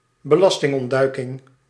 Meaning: tax evasion
- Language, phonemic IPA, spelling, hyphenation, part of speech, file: Dutch, /bəˈlɑs.tɪŋ.ɔnˌdœy̯.kɪŋ/, belastingontduiking, be‧las‧ting‧ont‧dui‧king, noun, Nl-belastingontduiking.ogg